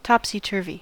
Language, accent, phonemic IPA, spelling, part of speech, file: English, General American, /ˌtɑpsiˈtɚvi/, topsy-turvy, adverb / adjective / noun / verb, En-us-topsy-turvy.ogg
- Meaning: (adverb) 1. Backwards or upside down; also, having been overturned or upset 2. Not in the natural order of things; in a disorderly manner; chaotically; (adjective) Backwards or upside down